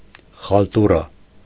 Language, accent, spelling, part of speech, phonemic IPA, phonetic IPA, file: Armenian, Eastern Armenian, խալտուրա, noun, /χɑlˈtuɾɑ/, [χɑltúɾɑ], Hy-խալտուրա.ogg
- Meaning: shoddy work (something intentionally done badly), botched job, bungled job; hack; a botch; a pot boiler; khaltura